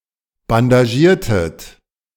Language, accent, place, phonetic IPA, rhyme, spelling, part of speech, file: German, Germany, Berlin, [bandaˈʒiːɐ̯tət], -iːɐ̯tət, bandagiertet, verb, De-bandagiertet.ogg
- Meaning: inflection of bandagieren: 1. second-person plural preterite 2. second-person plural subjunctive II